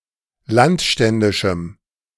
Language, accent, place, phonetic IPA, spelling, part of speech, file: German, Germany, Berlin, [ˈlantˌʃtɛndɪʃm̩], landständischem, adjective, De-landständischem.ogg
- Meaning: strong dative masculine/neuter singular of landständisch